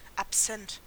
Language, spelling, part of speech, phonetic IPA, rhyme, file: German, absent, adjective, [apˈzɛnt], -ɛnt, De-absent.ogg
- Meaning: 1. absent, not present 2. absent-minded